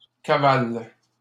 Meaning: second-person singular present indicative/subjunctive of cavaler
- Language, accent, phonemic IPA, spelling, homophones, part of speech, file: French, Canada, /ka.val/, cavales, cavale / cavalent, verb, LL-Q150 (fra)-cavales.wav